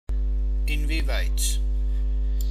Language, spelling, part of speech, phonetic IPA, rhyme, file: German, inwieweit, adverb, [ɪnviːˈvaɪ̯t], -aɪ̯t, De-inwieweit.ogg
- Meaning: to what degree, to what extent